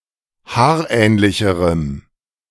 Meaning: strong dative masculine/neuter singular comparative degree of haarähnlich
- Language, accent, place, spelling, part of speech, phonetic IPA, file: German, Germany, Berlin, haarähnlicherem, adjective, [ˈhaːɐ̯ˌʔɛːnlɪçəʁəm], De-haarähnlicherem.ogg